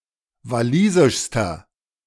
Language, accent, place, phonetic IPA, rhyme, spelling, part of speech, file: German, Germany, Berlin, [vaˈliːzɪʃstɐ], -iːzɪʃstɐ, walisischster, adjective, De-walisischster.ogg
- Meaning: inflection of walisisch: 1. strong/mixed nominative masculine singular superlative degree 2. strong genitive/dative feminine singular superlative degree 3. strong genitive plural superlative degree